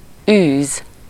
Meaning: 1. to chase, to hunt, to pursue, to drive 2. to practice, to pursue (a profession)
- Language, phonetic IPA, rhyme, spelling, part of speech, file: Hungarian, [ˈyːz], -yːz, űz, verb, Hu-űz.ogg